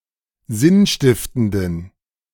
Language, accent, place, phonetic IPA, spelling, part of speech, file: German, Germany, Berlin, [ˈzɪnˌʃtɪftəndn̩], sinnstiftenden, adjective, De-sinnstiftenden.ogg
- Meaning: inflection of sinnstiftend: 1. strong genitive masculine/neuter singular 2. weak/mixed genitive/dative all-gender singular 3. strong/weak/mixed accusative masculine singular 4. strong dative plural